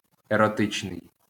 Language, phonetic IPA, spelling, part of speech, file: Ukrainian, [erɔˈtɪt͡ʃnei̯], еротичний, adjective, LL-Q8798 (ukr)-еротичний.wav
- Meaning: erotic